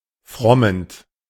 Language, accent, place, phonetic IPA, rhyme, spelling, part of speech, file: German, Germany, Berlin, [ˈfʁɔmənt], -ɔmənt, frommend, verb, De-frommend.ogg
- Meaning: present participle of frommen